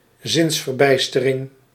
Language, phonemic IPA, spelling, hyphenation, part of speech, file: Dutch, /ˈzɪns.vərˌbɛi̯s.tə.rɪŋ/, zinsverbijstering, zins‧ver‧bijs‧te‧ring, noun, Nl-zinsverbijstering.ogg
- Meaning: temporary incapacity of processing sense data or sometimes also of using reasoning, stupor